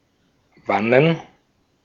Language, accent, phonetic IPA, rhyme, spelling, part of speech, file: German, Austria, [ˈvanən], -anən, Wannen, noun, De-at-Wannen.ogg
- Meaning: plural of Wanne